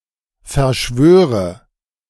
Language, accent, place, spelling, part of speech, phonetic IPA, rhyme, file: German, Germany, Berlin, verschwöre, verb, [fɛɐ̯ˈʃvøːʁə], -øːʁə, De-verschwöre.ogg
- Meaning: inflection of verschwören: 1. first-person singular present 2. first/third-person singular subjunctive I 3. singular imperative